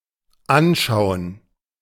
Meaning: to look at; to behold; to observe (visually); to view
- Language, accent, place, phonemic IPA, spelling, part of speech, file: German, Germany, Berlin, /ˈʔanʃaʊ̯ən/, anschauen, verb, De-anschauen.ogg